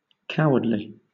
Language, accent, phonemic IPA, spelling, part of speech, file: English, Southern England, /ˈkaʊədli/, cowardly, adjective / adverb, LL-Q1860 (eng)-cowardly.wav
- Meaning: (adjective) Showing cowardice; lacking in courage; weakly fearful; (adverb) In the manner of a coward, cowardlily